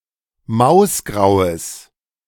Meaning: strong/mixed nominative/accusative neuter singular of mausgrau
- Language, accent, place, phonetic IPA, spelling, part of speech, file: German, Germany, Berlin, [ˈmaʊ̯sˌɡʁaʊ̯əs], mausgraues, adjective, De-mausgraues.ogg